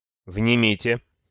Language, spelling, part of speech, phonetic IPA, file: Russian, внимите, verb, [vnʲɪˈmʲitʲe], Ru-внимите.ogg
- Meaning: second-person plural imperative perfective of внять (vnjatʹ)